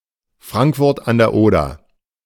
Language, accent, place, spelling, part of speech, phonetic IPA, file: German, Germany, Berlin, Frankfurt an der Oder, proper noun, [ˈfʁaŋkˌfʊʁt an deːɐ̯ ˈoːdɐ], De-Frankfurt an der Oder.ogg
- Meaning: Frankfurt-an-der-Oder (a sizable town in Brandenburg, in eastern Germany)